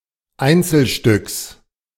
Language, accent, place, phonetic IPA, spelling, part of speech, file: German, Germany, Berlin, [ˈaɪ̯nt͡sl̩ˌʃtʏks], Einzelstücks, noun, De-Einzelstücks.ogg
- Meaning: genitive singular of Einzelstück